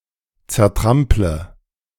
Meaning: inflection of zertrampeln: 1. first-person singular present 2. first/third-person singular subjunctive I 3. singular imperative
- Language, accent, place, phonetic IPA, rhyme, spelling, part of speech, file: German, Germany, Berlin, [t͡sɛɐ̯ˈtʁamplə], -amplə, zertrample, verb, De-zertrample.ogg